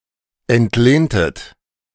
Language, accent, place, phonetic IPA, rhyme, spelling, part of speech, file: German, Germany, Berlin, [ɛntˈleːntət], -eːntət, entlehntet, verb, De-entlehntet.ogg
- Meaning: inflection of entlehnen: 1. second-person plural preterite 2. second-person plural subjunctive II